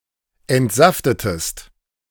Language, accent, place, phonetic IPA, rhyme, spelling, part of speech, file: German, Germany, Berlin, [ɛntˈzaftətəst], -aftətəst, entsaftetest, verb, De-entsaftetest.ogg
- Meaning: inflection of entsaften: 1. second-person singular preterite 2. second-person singular subjunctive II